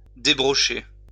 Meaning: to unspit
- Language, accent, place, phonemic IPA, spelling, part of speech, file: French, France, Lyon, /de.bʁɔ.ʃe/, débrocher, verb, LL-Q150 (fra)-débrocher.wav